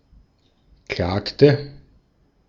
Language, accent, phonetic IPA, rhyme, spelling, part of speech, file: German, Austria, [ˈklaːktə], -aːktə, klagte, verb, De-at-klagte.ogg
- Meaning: inflection of klagen: 1. first/third-person singular preterite 2. first/third-person singular subjunctive II